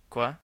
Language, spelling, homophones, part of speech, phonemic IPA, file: French, quoi, coi / cois, pronoun / adverb / phrase, /kwa/, Fr-Quoi.ogg
- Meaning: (pronoun) 1. what 2. what, (that) which 3. enough (of something specific) 4. nothing 5. whatever; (adverb) you know, like, y'know; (phrase) what? say again?